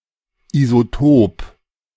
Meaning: isotope (atoms of the same element having a different number of neutrons)
- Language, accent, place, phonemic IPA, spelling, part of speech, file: German, Germany, Berlin, /izoˈtoːp/, Isotop, noun, De-Isotop.ogg